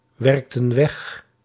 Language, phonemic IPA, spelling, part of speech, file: Dutch, /ˈwɛrᵊktə(n) ˈwɛx/, werkten weg, verb, Nl-werkten weg.ogg
- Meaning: inflection of wegwerken: 1. plural past indicative 2. plural past subjunctive